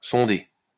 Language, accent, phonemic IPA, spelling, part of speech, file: French, France, /sɔ̃.de/, sonder, verb, LL-Q150 (fra)-sonder.wav
- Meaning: 1. to probe (test with a probe) 2. to probe (test the depth of something) 3. to probe (test the depth of something): to sound (use sound waves to establish the depth)